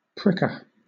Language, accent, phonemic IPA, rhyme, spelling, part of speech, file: English, Southern England, /ˈpɹɪkə(ɹ)/, -ɪkə(ɹ), pricker, noun, LL-Q1860 (eng)-pricker.wav
- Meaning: 1. One who pricks 2. A tool for pricking 3. A prickle or thorn 4. Any of several American prickly woody vines of the genus Smilax; greenbrier 5. One who spurs forward; a light-horseman